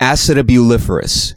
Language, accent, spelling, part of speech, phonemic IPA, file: English, US, acetabuliferous, adjective, /ˌæsɪtæbjuːˈlɪfəɹʊs/, En-us-acetabuliferous.ogg
- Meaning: Furnished with fleshy cups for adhering to bodies, as cuttlefish, etc